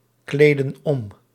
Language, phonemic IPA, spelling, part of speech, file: Dutch, /ˈkledə(n) ˈɔm/, kleden om, verb, Nl-kleden om.ogg
- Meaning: inflection of omkleden: 1. plural present indicative 2. plural present subjunctive